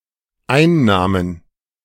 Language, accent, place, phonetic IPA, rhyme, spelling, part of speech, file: German, Germany, Berlin, [ˈaɪ̯nˌnaːmən], -aɪ̯nnaːmən, einnahmen, verb, De-einnahmen.ogg
- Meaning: first/third-person plural dependent preterite of einnehmen